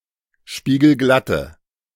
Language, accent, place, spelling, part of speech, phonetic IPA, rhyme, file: German, Germany, Berlin, spiegelglatte, adjective, [ˌʃpiːɡl̩ˈɡlatə], -atə, De-spiegelglatte.ogg
- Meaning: inflection of spiegelglatt: 1. strong/mixed nominative/accusative feminine singular 2. strong nominative/accusative plural 3. weak nominative all-gender singular